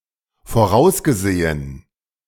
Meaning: past participle of voraussehen
- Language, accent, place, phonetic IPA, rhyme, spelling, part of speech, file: German, Germany, Berlin, [foˈʁaʊ̯sɡəˌzeːən], -aʊ̯sɡəzeːən, vorausgesehen, verb, De-vorausgesehen.ogg